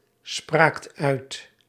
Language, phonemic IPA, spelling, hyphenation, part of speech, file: Dutch, /ˌspraːkt ˈœy̯t/, spraakt uit, spraakt uit, verb, Nl-spraakt uit.ogg
- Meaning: second-person (gij) singular past indicative of uitspreken